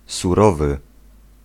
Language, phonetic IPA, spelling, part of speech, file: Polish, [suˈrɔvɨ], surowy, adjective, Pl-surowy.ogg